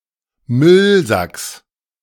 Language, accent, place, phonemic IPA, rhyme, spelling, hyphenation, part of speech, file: German, Germany, Berlin, /ˈmʏlzaks/, -aks, Müllsacks, Müll‧sacks, noun, De-Müllsacks.ogg
- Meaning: genitive singular of Müllsack